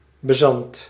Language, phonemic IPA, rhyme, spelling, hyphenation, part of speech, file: Dutch, /bəˈzɑnt/, -ɑnt, bezant, be‧zant, noun, Nl-bezant.ogg
- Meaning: 1. bezant (coin) 2. bezant